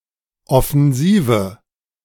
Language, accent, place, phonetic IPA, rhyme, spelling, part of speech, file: German, Germany, Berlin, [ɔfɛnˈziːvə], -iːvə, offensive, adjective, De-offensive.ogg
- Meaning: inflection of offensiv: 1. strong/mixed nominative/accusative feminine singular 2. strong nominative/accusative plural 3. weak nominative all-gender singular